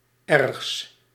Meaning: partitive of erg
- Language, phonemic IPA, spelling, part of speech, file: Dutch, /ˈɛrᵊxs/, ergs, adjective, Nl-ergs.ogg